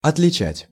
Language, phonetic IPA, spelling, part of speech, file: Russian, [ɐtlʲɪˈt͡ɕætʲ], отличать, verb, Ru-отличать.ogg
- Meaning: to distinguish, to tell (from) (to see someone or something clearly or distinctly)